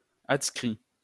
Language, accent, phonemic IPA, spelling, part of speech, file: French, France, /at.skʁi/, adscrit, adjective, LL-Q150 (fra)-adscrit.wav
- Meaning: adscript (written next to another character)